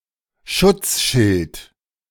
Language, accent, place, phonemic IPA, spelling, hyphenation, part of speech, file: German, Germany, Berlin, /ˈʃʊt͡sˌʃɪlt/, Schutzschild, Schutz‧schild, noun, De-Schutzschild.ogg
- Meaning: shield